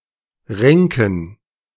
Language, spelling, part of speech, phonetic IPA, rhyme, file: German, Ränken, noun, [ˈʁɛŋkn̩], -ɛŋkn̩, De-Ränken.ogg